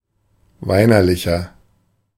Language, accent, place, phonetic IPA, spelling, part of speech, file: German, Germany, Berlin, [ˈvaɪ̯nɐˌlɪçɐ], weinerlicher, adjective, De-weinerlicher.ogg
- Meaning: 1. comparative degree of weinerlich 2. inflection of weinerlich: strong/mixed nominative masculine singular 3. inflection of weinerlich: strong genitive/dative feminine singular